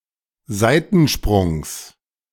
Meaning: genitive singular of Seitensprung
- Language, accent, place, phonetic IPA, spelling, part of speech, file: German, Germany, Berlin, [ˈzaɪ̯tn̩ˌʃpʁʊŋs], Seitensprungs, noun, De-Seitensprungs.ogg